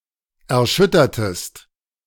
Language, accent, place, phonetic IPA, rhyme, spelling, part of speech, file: German, Germany, Berlin, [ɛɐ̯ˈʃʏtɐtəst], -ʏtɐtəst, erschüttertest, verb, De-erschüttertest.ogg
- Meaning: inflection of erschüttern: 1. second-person singular preterite 2. second-person singular subjunctive II